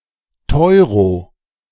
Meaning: euro (referring to a rise in price associated with the circulation of the currency)
- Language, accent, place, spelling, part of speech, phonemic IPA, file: German, Germany, Berlin, Teuro, noun, /ˈtɔʏ̯ʁo/, De-Teuro.ogg